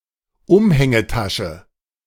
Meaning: satchel, shoulder bag, tote sack
- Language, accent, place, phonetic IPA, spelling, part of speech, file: German, Germany, Berlin, [ˈʊmhɛŋəˌtaʃə], Umhängetasche, noun, De-Umhängetasche.ogg